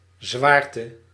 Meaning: heaviness
- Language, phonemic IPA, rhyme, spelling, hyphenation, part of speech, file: Dutch, /ˈzʋaːr.tə/, -aːrtə, zwaarte, zwaar‧te, noun, Nl-zwaarte.ogg